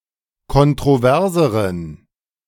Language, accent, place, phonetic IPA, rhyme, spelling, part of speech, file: German, Germany, Berlin, [kɔntʁoˈvɛʁzəʁən], -ɛʁzəʁən, kontroverseren, adjective, De-kontroverseren.ogg
- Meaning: inflection of kontrovers: 1. strong genitive masculine/neuter singular comparative degree 2. weak/mixed genitive/dative all-gender singular comparative degree